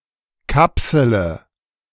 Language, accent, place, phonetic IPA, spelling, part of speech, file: German, Germany, Berlin, [ˈkapsələ], kapsele, verb, De-kapsele.ogg
- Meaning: inflection of kapseln: 1. first-person singular present 2. singular imperative 3. first/third-person singular subjunctive I